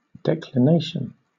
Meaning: At a given point, the angle between magnetic north and true north
- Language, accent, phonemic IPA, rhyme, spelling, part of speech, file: English, Southern England, /ˌdɛklɪˈneɪʃən/, -eɪʃən, declination, noun, LL-Q1860 (eng)-declination.wav